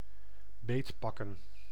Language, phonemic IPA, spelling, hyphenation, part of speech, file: Dutch, /ˈbeːtpɑkə(n)/, beetpakken, beet‧pak‧ken, verb, Nl-beetpakken.ogg
- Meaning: to clutch